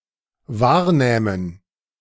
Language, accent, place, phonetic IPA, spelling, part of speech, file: German, Germany, Berlin, [ˈvaːɐ̯ˌnɛːmən], wahrnähmen, verb, De-wahrnähmen.ogg
- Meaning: first/third-person plural dependent subjunctive II of wahrnehmen